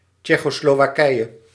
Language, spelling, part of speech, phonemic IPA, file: Dutch, Tsjecho-Slowakije, proper noun, /ˌtʃɛ.xoː.sloː.ʋaːˈkɛi̯.(j)ə/, Nl-Tsjecho-Slowakije.ogg
- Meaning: Czechoslovakia